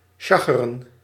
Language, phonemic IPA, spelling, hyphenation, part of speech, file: Dutch, /ˈʃɑ.xə.rə(n)/, sjacheren, sja‧che‧ren, verb, Nl-sjacheren.ogg
- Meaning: 1. to sell a pup, to swindle with substandard wares, to scam 2. to wrangle, haggle